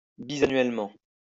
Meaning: biennially (every two years)
- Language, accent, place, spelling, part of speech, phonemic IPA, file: French, France, Lyon, bisannuellement, adverb, /bi.za.nɥɛl.mɑ̃/, LL-Q150 (fra)-bisannuellement.wav